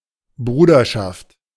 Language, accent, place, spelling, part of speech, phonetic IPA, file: German, Germany, Berlin, Bruderschaft, noun, [ˈbʁuːdɐʃaft], De-Bruderschaft.ogg
- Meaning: 1. fraternity (association of men who consider each other as brethren) 2. alternative form of Brüderschaft (“the state of being brethren”)